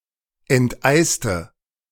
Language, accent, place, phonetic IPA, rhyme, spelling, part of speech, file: German, Germany, Berlin, [ɛntˈʔaɪ̯stə], -aɪ̯stə, enteiste, adjective / verb, De-enteiste.ogg
- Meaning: inflection of enteisen: 1. first/third-person singular preterite 2. first/third-person singular subjunctive II